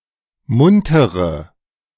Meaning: inflection of munter: 1. strong/mixed nominative/accusative feminine singular 2. strong nominative/accusative plural 3. weak nominative all-gender singular 4. weak accusative feminine/neuter singular
- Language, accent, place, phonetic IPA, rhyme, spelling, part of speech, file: German, Germany, Berlin, [ˈmʊntəʁə], -ʊntəʁə, muntere, adjective, De-muntere.ogg